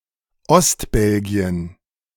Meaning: Eastern Belgium
- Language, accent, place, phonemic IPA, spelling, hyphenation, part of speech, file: German, Germany, Berlin, /ˈɔstˌbɛlɡi̯ən/, Ostbelgien, Ost‧bel‧gi‧en, proper noun, De-Ostbelgien.ogg